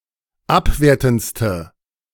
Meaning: inflection of abwertend: 1. strong/mixed nominative/accusative feminine singular superlative degree 2. strong nominative/accusative plural superlative degree
- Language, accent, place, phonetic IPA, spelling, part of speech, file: German, Germany, Berlin, [ˈapˌveːɐ̯tn̩t͡stə], abwertendste, adjective, De-abwertendste.ogg